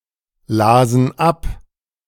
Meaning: first/third-person plural preterite of ablesen
- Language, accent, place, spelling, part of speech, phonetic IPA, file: German, Germany, Berlin, lasen ab, verb, [ˌlaːzn̩ ˈap], De-lasen ab.ogg